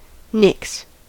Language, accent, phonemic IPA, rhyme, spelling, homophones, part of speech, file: English, US, /nɪks/, -ɪks, nix, nicks, noun / verb / interjection, En-us-nix.ogg
- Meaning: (noun) Nothing; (verb) 1. To make something become nothing; to reject or cancel 2. To destroy or eradicate; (interjection) No! Not at all!